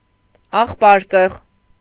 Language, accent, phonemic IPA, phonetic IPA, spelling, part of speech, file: Armenian, Eastern Armenian, /ɑχˈpɑɾkəʁ/, [ɑχpɑ́ɾkəʁ], աղբարկղ, noun, Hy-աղբարկղ.ogg
- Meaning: garbage can, trash can, dustbin